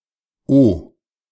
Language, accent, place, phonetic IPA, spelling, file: German, Germany, Berlin, [o], -o-, De--o-.ogg
- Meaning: -o-